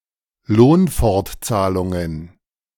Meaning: plural of Lohnfortzahlung
- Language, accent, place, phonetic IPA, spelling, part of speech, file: German, Germany, Berlin, [ˈloːnfɔʁtˌt͡saːlʊŋən], Lohnfortzahlungen, noun, De-Lohnfortzahlungen.ogg